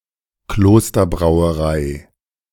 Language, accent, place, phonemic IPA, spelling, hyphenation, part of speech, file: German, Germany, Berlin, /ˈkloːstɐ.bʁaʊ̯əˌʁaɪ̯/, Klosterbrauerei, Klos‧ter‧brau‧e‧rei, noun, De-Klosterbrauerei.ogg
- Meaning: monastery brewery